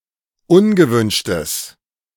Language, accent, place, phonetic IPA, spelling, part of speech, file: German, Germany, Berlin, [ˈʊnɡəˌvʏnʃtəs], ungewünschtes, adjective, De-ungewünschtes.ogg
- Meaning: strong/mixed nominative/accusative neuter singular of ungewünscht